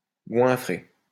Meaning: 1. stuff (something or someone with something) 2. to pig out, to stuff oneself
- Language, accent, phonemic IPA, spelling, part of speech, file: French, France, /ɡwɛ̃.fʁe/, goinfrer, verb, LL-Q150 (fra)-goinfrer.wav